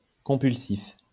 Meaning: compulsive
- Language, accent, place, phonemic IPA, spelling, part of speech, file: French, France, Lyon, /kɔ̃.pyl.sif/, compulsif, adjective, LL-Q150 (fra)-compulsif.wav